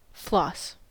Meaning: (noun) 1. A thread used to clean the gaps between the teeth 2. Raw silk fibres
- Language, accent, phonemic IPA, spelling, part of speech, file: English, US, /flɔs/, floss, noun / verb, En-us-floss.ogg